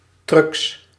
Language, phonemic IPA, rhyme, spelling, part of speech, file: Dutch, /ˈtryks/, -yks, trucs, noun, Nl-trucs.ogg
- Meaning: plural of truc